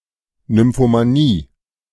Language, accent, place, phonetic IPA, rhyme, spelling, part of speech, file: German, Germany, Berlin, [nʏmfomaˈniː], -iː, Nymphomanie, noun, De-Nymphomanie.ogg
- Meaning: nymphomania